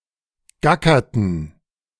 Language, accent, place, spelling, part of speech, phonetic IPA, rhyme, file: German, Germany, Berlin, gackerten, verb, [ˈɡakɐtn̩], -akɐtn̩, De-gackerten.ogg
- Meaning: inflection of gackern: 1. first/third-person plural preterite 2. first/third-person plural subjunctive II